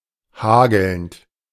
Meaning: present participle of hageln
- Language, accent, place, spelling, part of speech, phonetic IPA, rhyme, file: German, Germany, Berlin, hagelnd, verb, [ˈhaːɡl̩nt], -aːɡl̩nt, De-hagelnd.ogg